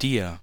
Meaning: 1. dative of du; you, to you 2. dative of du; yourself, to yourself
- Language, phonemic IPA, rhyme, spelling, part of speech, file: German, /diːɐ̯/, -iːɐ̯, dir, pronoun, De-dir.ogg